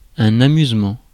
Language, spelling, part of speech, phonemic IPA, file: French, amusement, noun, /a.myz.mɑ̃/, Fr-amusement.ogg
- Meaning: amusement